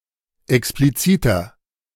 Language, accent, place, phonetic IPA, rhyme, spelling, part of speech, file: German, Germany, Berlin, [ɛkspliˈt͡siːtɐ], -iːtɐ, expliziter, adjective, De-expliziter.ogg
- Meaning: inflection of explizit: 1. strong/mixed nominative masculine singular 2. strong genitive/dative feminine singular 3. strong genitive plural